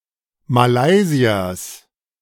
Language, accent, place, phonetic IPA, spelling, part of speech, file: German, Germany, Berlin, [maˈlaɪ̯zi̯ɐs], Malaysiers, noun, De-Malaysiers.ogg
- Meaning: genitive singular of Malaysier